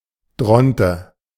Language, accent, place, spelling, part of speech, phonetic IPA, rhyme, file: German, Germany, Berlin, Dronte, noun, [ˈdʁɔntə], -ɔntə, De-Dronte.ogg
- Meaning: dodo (†Raphus cucullatus)